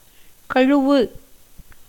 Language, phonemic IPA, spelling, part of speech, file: Tamil, /kɐɻʊʋɯ/, கழுவு, verb, Ta-கழுவு.ogg
- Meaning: to wash